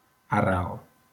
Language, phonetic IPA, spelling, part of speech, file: Catalan, [əˈrɛl], arrel, noun, LL-Q7026 (cat)-arrel.wav
- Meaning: 1. root (of a plant) 2. root, origin 3. root